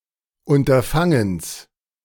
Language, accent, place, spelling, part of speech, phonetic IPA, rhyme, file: German, Germany, Berlin, Unterfangens, noun, [ʊntɐˈfaŋəns], -aŋəns, De-Unterfangens.ogg
- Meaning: genitive singular of Unterfangen